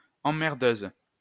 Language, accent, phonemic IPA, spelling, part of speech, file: French, France, /ɑ̃.mɛʁ.døz/, emmerdeuse, noun, LL-Q150 (fra)-emmerdeuse.wav
- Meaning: female equivalent of emmerdeur